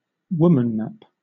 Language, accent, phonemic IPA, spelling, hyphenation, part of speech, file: English, Southern England, /ˈwʊm.ən.næp/, womannap, wo‧man‧nap, verb, LL-Q1860 (eng)-womannap.wav
- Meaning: To abduct or kidnap a woman